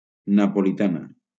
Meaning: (adjective) feminine singular of napolità; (noun) 1. female equivalent of napolità 2. pain au chocolat 3. Neapolitan wafer
- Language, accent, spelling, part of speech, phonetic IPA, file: Catalan, Valencia, napolitana, adjective / noun, [na.po.liˈta.na], LL-Q7026 (cat)-napolitana.wav